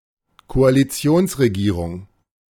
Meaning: coalition government
- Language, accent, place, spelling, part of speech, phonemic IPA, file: German, Germany, Berlin, Koalitionsregierung, noun, /koaliˈt͡si̯oːnsreɡiːrʊŋ/, De-Koalitionsregierung.ogg